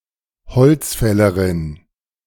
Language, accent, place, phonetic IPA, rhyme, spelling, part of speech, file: German, Germany, Berlin, [bəˈt͡søːɡət], -øːɡət, bezöget, verb, De-bezöget.ogg
- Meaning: second-person plural subjunctive II of beziehen